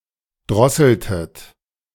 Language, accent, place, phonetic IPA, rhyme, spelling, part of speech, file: German, Germany, Berlin, [ˈdʁɔsl̩tət], -ɔsl̩tət, drosseltet, verb, De-drosseltet.ogg
- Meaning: inflection of drosseln: 1. second-person plural preterite 2. second-person plural subjunctive II